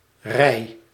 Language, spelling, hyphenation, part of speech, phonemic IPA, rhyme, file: Dutch, rei, rei, noun, /rɛi̯/, -ɛi̯, Nl-rei.ogg
- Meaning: circle dance, dance in which the participants form a circle, walk or dance rhythmically and sing or chant